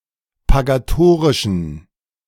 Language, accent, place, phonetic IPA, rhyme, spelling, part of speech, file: German, Germany, Berlin, [paɡaˈtoːʁɪʃn̩], -oːʁɪʃn̩, pagatorischen, adjective, De-pagatorischen.ogg
- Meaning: inflection of pagatorisch: 1. strong genitive masculine/neuter singular 2. weak/mixed genitive/dative all-gender singular 3. strong/weak/mixed accusative masculine singular 4. strong dative plural